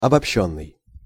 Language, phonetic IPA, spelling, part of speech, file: Russian, [ɐbɐpˈɕːɵnːɨj], обобщённый, verb / adjective, Ru-обобщённый.ogg
- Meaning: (verb) past passive perfective participle of обобщи́ть (obobščítʹ); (adjective) generalized, abstract